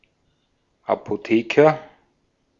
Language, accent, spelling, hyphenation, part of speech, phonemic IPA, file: German, Austria, Apotheker, Apo‧the‧ker, noun, /ˌapoˈteːkɐ/, De-at-Apotheker.ogg
- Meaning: pharmacist, druggist, (dispensing) chemist (Brit.), apothecary (archaic) (male or of unspecified gender)